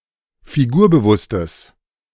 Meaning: strong/mixed nominative/accusative neuter singular of figurbewusst
- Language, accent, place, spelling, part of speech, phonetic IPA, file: German, Germany, Berlin, figurbewusstes, adjective, [fiˈɡuːɐ̯bəˌvʊstəs], De-figurbewusstes.ogg